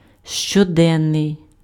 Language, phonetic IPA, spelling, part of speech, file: Ukrainian, [ʃt͡ʃɔˈdɛnːei̯], щоденний, adjective, Uk-щоденний.ogg
- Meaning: 1. daily 2. everyday, quotidian